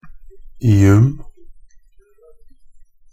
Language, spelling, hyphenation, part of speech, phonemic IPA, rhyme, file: Norwegian Bokmål, -ium, -i‧um, suffix, /ɪ.ʉm/, -ʉm, Nb--ium.ogg
- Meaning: 1. Used to form nouns (loanwords) of Greek or Latin origin; -ium 2. Used to form nouns denoting chemical compounds, especially elements; -ium 3. Used to form nouns denoting plant designations; -ium